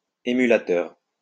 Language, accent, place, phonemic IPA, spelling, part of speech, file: French, France, Lyon, /e.my.la.tœʁ/, æmulateur, noun, LL-Q150 (fra)-æmulateur.wav
- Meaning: obsolete form of émulateur